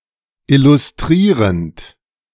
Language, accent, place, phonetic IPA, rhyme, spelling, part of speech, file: German, Germany, Berlin, [ˌɪlʊsˈtʁiːʁənt], -iːʁənt, illustrierend, verb, De-illustrierend.ogg
- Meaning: present participle of illustrieren